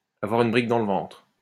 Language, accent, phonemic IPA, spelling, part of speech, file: French, France, /a.vwa.ʁ‿yn bʁik dɑ̃ l(ə) vɑ̃tʁ/, avoir une brique dans le ventre, verb, LL-Q150 (fra)-avoir une brique dans le ventre.wav
- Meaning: to be interested in the building trade, in the real estate business, or in houses in general; to want to have one's own house